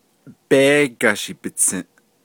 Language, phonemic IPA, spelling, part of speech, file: Navajo, /péːkɑ̀ʃìː pɪ̀t͡sʰĩ̀ʔ/, béégashii bitsįʼ, noun, Nv-béégashii bitsįʼ.ogg
- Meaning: beef